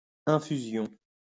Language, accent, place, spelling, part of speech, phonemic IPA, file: French, France, Lyon, infusion, noun, /ɛ̃.fy.zjɔ̃/, LL-Q150 (fra)-infusion.wav
- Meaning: infusion (liquid product which has had other ingredients steeped in it to extract useful qualities)